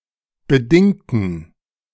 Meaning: inflection of bedingt: 1. strong genitive masculine/neuter singular 2. weak/mixed genitive/dative all-gender singular 3. strong/weak/mixed accusative masculine singular 4. strong dative plural
- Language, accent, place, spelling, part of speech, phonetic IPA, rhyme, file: German, Germany, Berlin, bedingten, adjective / verb, [bəˈdɪŋtn̩], -ɪŋtn̩, De-bedingten.ogg